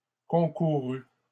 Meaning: 1. first/second-person singular past historic of concourir 2. masculine plural of concouru
- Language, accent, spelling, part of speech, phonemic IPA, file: French, Canada, concourus, verb, /kɔ̃.ku.ʁy/, LL-Q150 (fra)-concourus.wav